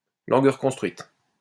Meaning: reconstructed language
- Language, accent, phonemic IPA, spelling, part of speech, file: French, France, /lɑ̃ɡ ʁə.kɔ̃s.tʁɥit/, langue reconstruite, noun, LL-Q150 (fra)-langue reconstruite.wav